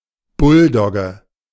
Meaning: bulldog
- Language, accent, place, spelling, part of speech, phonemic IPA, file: German, Germany, Berlin, Bulldogge, noun, /ˈbʊlˌdɔɡə/, De-Bulldogge.ogg